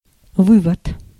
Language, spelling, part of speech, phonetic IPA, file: Russian, вывод, noun, [ˈvɨvət], Ru-вывод.ogg
- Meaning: 1. withdrawal 2. conclusion, takeaway, inference, deduction 3. derivation 4. outlet, leading-out wire